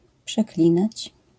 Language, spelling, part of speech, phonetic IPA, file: Polish, przeklinać, verb, [pʃɛˈklʲĩnat͡ɕ], LL-Q809 (pol)-przeklinać.wav